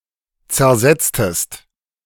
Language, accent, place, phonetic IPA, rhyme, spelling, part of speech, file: German, Germany, Berlin, [t͡sɛɐ̯ˈzɛt͡stəst], -ɛt͡stəst, zersetztest, verb, De-zersetztest.ogg
- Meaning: inflection of zersetzen: 1. second-person singular preterite 2. second-person singular subjunctive II